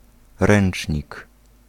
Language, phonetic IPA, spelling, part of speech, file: Polish, [ˈrɛ̃n͇t͡ʃʲɲik], ręcznik, noun, Pl-ręcznik.ogg